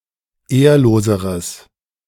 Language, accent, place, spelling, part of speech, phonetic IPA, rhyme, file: German, Germany, Berlin, ehrloseres, adjective, [ˈeːɐ̯loːzəʁəs], -eːɐ̯loːzəʁəs, De-ehrloseres.ogg
- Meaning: strong/mixed nominative/accusative neuter singular comparative degree of ehrlos